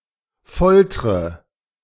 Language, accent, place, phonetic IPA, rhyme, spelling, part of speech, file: German, Germany, Berlin, [ˈfɔltʁə], -ɔltʁə, foltre, verb, De-foltre.ogg
- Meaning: inflection of foltern: 1. first-person singular present 2. first/third-person singular subjunctive I 3. singular imperative